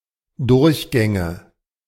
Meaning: nominative/accusative/genitive plural of Durchgang
- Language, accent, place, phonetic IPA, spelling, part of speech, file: German, Germany, Berlin, [ˈdʊʁçˌɡɛŋə], Durchgänge, noun, De-Durchgänge.ogg